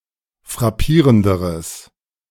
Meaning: strong/mixed nominative/accusative neuter singular comparative degree of frappierend
- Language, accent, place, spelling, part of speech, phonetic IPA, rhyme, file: German, Germany, Berlin, frappierenderes, adjective, [fʁaˈpiːʁəndəʁəs], -iːʁəndəʁəs, De-frappierenderes.ogg